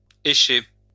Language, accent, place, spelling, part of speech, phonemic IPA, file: French, France, Lyon, écher, verb, /e.ʃe/, LL-Q150 (fra)-écher.wav
- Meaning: alternative form of escher